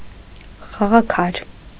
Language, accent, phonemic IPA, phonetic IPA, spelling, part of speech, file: Armenian, Eastern Armenian, /χɑʁɑˈkʰɑɾ/, [χɑʁɑkʰɑ́ɾ], խաղաքար, noun, Hy-խաղաքար.ogg
- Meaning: piece (object played in a board game)